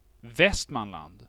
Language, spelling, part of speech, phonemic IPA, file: Swedish, Västmanland, proper noun, /ˈvɛstmanˌland/, Sv-Västmanland.ogg
- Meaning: Västmanland (a historical province in central Sweden, located in the middle of the country somewhat west of Stockholm)